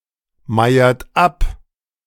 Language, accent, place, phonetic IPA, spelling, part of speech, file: German, Germany, Berlin, [ˌmaɪ̯ɐt ˈap], meiert ab, verb, De-meiert ab.ogg
- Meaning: inflection of abmeiern: 1. second-person plural present 2. third-person singular present 3. plural imperative